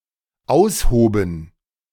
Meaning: first/third-person plural dependent preterite of ausheben
- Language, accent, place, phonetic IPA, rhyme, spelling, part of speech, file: German, Germany, Berlin, [ˈaʊ̯sˌhoːbn̩], -aʊ̯shoːbn̩, aushoben, verb, De-aushoben.ogg